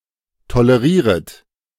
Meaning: second-person plural subjunctive I of tolerieren
- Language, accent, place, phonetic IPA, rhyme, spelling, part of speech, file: German, Germany, Berlin, [toləˈʁiːʁət], -iːʁət, tolerieret, verb, De-tolerieret.ogg